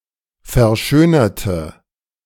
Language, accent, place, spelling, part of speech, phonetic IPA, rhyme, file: German, Germany, Berlin, verschönerte, adjective / verb, [fɛɐ̯ˈʃøːnɐtə], -øːnɐtə, De-verschönerte.ogg
- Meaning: inflection of verschönern: 1. first/third-person singular preterite 2. first/third-person singular subjunctive II